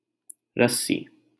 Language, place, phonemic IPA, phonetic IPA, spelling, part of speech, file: Hindi, Delhi, /ɾəs.siː/, [ɾɐs.siː], रस्सी, noun, LL-Q1568 (hin)-रस्सी.wav
- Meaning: 1. rope, cord 2. string